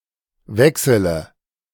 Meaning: inflection of wechseln: 1. first-person singular present 2. singular imperative 3. first/third-person singular subjunctive I
- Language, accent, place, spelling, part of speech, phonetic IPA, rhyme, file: German, Germany, Berlin, wechsele, verb, [ˈvɛksələ], -ɛksələ, De-wechsele.ogg